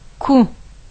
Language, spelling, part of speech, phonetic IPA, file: Adyghe, ку, noun, [kʷə], Kʷə.ogg
- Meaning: 1. carriage 2. cart 3. wagon